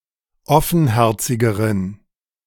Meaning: inflection of offenherzig: 1. strong genitive masculine/neuter singular comparative degree 2. weak/mixed genitive/dative all-gender singular comparative degree
- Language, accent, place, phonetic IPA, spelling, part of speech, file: German, Germany, Berlin, [ˈɔfn̩ˌhɛʁt͡sɪɡəʁən], offenherzigeren, adjective, De-offenherzigeren.ogg